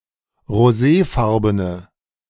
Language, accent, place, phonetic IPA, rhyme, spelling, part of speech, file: German, Germany, Berlin, [ʁoˈzeːˌfaʁbənə], -eːfaʁbənə, roséfarbene, adjective, De-roséfarbene.ogg
- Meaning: inflection of roséfarben: 1. strong/mixed nominative/accusative feminine singular 2. strong nominative/accusative plural 3. weak nominative all-gender singular